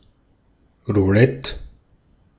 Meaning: roulette
- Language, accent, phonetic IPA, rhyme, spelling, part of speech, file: German, Austria, [ʁuˈlɛt], -ɛt, Roulette, noun, De-at-Roulette.ogg